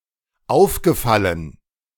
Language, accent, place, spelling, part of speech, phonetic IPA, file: German, Germany, Berlin, aufgefallen, verb, [ˈaʊ̯fɡəˌfalən], De-aufgefallen.ogg
- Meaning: past participle of auffallen